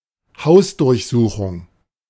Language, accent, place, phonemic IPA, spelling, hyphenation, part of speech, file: German, Germany, Berlin, /ˈhaʊ̯sdʊʁçˌzuːxʊŋ/, Hausdurchsuchung, Haus‧durch‧su‧chung, noun, De-Hausdurchsuchung.ogg
- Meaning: house-search